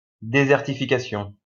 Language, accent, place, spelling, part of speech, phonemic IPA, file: French, France, Lyon, désertification, noun, /de.zɛʁ.ti.fi.ka.sjɔ̃/, LL-Q150 (fra)-désertification.wav
- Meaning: desertification